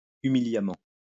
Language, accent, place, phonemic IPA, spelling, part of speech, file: French, France, Lyon, /y.mi.lja.mɑ̃/, humiliamment, adverb, LL-Q150 (fra)-humiliamment.wav
- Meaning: humiliatingly, humblingly